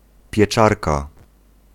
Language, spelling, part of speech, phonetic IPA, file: Polish, pieczarka, noun, [pʲjɛˈt͡ʃarka], Pl-pieczarka.ogg